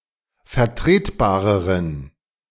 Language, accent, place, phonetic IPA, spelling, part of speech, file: German, Germany, Berlin, [fɛɐ̯ˈtʁeːtˌbaːʁəʁən], vertretbareren, adjective, De-vertretbareren.ogg
- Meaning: inflection of vertretbar: 1. strong genitive masculine/neuter singular comparative degree 2. weak/mixed genitive/dative all-gender singular comparative degree